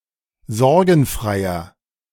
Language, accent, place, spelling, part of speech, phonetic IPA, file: German, Germany, Berlin, sorgenfreier, adjective, [ˈzɔʁɡn̩ˌfʁaɪ̯ɐ], De-sorgenfreier.ogg
- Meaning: inflection of sorgenfrei: 1. strong/mixed nominative masculine singular 2. strong genitive/dative feminine singular 3. strong genitive plural